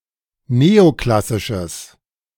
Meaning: strong/mixed nominative/accusative neuter singular of neoklassisch
- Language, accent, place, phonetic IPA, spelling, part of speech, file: German, Germany, Berlin, [ˈneːoˌklasɪʃəs], neoklassisches, adjective, De-neoklassisches.ogg